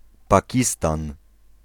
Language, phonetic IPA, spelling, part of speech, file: Polish, [paˈcistãn], Pakistan, proper noun, Pl-Pakistan.ogg